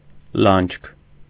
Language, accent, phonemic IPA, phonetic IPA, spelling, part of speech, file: Armenian, Eastern Armenian, /lɑnd͡ʒkʰ/, [lɑnt͡ʃʰkʰ], լանջք, noun, Hy-լանջք.ogg
- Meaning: alternative form of լանջ (lanǰ)